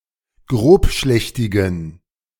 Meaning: inflection of grobschlächtig: 1. strong genitive masculine/neuter singular 2. weak/mixed genitive/dative all-gender singular 3. strong/weak/mixed accusative masculine singular 4. strong dative plural
- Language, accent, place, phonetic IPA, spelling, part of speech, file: German, Germany, Berlin, [ˈɡʁoːpˌʃlɛçtɪɡn̩], grobschlächtigen, adjective, De-grobschlächtigen.ogg